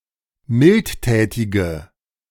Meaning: inflection of mildtätig: 1. strong/mixed nominative/accusative feminine singular 2. strong nominative/accusative plural 3. weak nominative all-gender singular
- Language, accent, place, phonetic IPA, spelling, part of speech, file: German, Germany, Berlin, [ˈmɪltˌtɛːtɪɡə], mildtätige, adjective, De-mildtätige.ogg